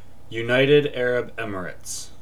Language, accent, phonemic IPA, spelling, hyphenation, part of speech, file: English, US, /jʊˌnaɪ̯ɾɪ̈d ˌɛɹəb ˈɛmɪɹɪts/, United Arab Emirates, U‧nit‧ed Ar‧ab Em‧ir‧ates, proper noun, En-us-UnitedArabEmirates.ogg
- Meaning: A country in West Asia in the Middle East. Capital: Abu Dhabi. Largest city: Dubai